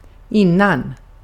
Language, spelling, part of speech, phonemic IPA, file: Swedish, innan, conjunction / preposition / adverb, /²ɪnan/, Sv-innan.ogg
- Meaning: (conjunction) before (earlier than in time); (adverb) 1. before 2. inner, interior 3. inside